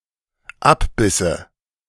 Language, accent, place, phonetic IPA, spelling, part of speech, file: German, Germany, Berlin, [ˈapˌbɪsə], abbisse, verb, De-abbisse.ogg
- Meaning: first/third-person singular dependent subjunctive II of abbeißen